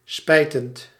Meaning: present participle of spijten
- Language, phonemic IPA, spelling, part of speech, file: Dutch, /ˈspɛitənt/, spijtend, verb, Nl-spijtend.ogg